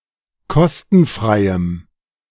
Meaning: strong dative masculine/neuter singular of kostenfrei
- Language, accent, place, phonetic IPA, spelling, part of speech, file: German, Germany, Berlin, [ˈkɔstn̩ˌfʁaɪ̯əm], kostenfreiem, adjective, De-kostenfreiem.ogg